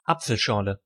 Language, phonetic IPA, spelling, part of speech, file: German, [ˈap͡fl̩ˌʃɔʁlə], Apfelschorle, noun, De-Apfelschorle.ogg
- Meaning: a drink made of apple juice and carbonated water, mixed roughly half and half; one of the most popular non-alcoholic beverages in German-speaking Europe